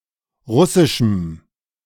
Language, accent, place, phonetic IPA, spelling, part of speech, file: German, Germany, Berlin, [ˈʁʊsɪʃm̩], russischem, adjective, De-russischem.ogg
- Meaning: strong dative masculine/neuter singular of russisch